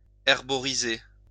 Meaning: to herborize, to collect herbs for medicinal uses
- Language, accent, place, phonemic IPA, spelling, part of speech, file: French, France, Lyon, /ɛʁ.bɔ.ʁi.ze/, herboriser, verb, LL-Q150 (fra)-herboriser.wav